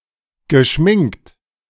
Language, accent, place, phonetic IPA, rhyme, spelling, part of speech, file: German, Germany, Berlin, [ɡəˈʃmɪŋkt], -ɪŋkt, geschminkt, adjective / verb, De-geschminkt.ogg
- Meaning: past participle of schminken